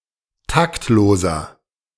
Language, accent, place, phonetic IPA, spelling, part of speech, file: German, Germany, Berlin, [ˈtaktˌloːzɐ], taktloser, adjective, De-taktloser.ogg
- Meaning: 1. comparative degree of taktlos 2. inflection of taktlos: strong/mixed nominative masculine singular 3. inflection of taktlos: strong genitive/dative feminine singular